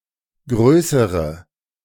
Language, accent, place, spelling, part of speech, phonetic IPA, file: German, Germany, Berlin, größere, adjective, [ˈɡʁøːsəʁə], De-größere.ogg
- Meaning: inflection of groß: 1. strong/mixed nominative/accusative feminine singular comparative degree 2. strong nominative/accusative plural comparative degree